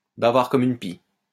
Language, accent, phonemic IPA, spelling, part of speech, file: French, France, /ba.vaʁ kɔ.m‿yn pi/, bavard comme une pie, adjective, LL-Q150 (fra)-bavard comme une pie.wav
- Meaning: Who never stop talking, especially gossipping; very talkative or chatty